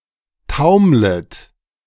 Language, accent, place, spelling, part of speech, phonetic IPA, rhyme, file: German, Germany, Berlin, taumlet, verb, [ˈtaʊ̯mlət], -aʊ̯mlət, De-taumlet.ogg
- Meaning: second-person plural subjunctive I of taumeln